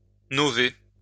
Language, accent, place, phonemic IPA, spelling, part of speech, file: French, France, Lyon, /nɔ.ve/, nover, verb, LL-Q150 (fra)-nover.wav
- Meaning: to novate